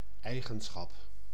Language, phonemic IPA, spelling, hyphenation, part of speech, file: Dutch, /ˈɛi̯.ɣə(n)ˌsxɑp/, eigenschap, ei‧gen‧schap, noun, Nl-eigenschap.ogg
- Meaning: property, feature, quality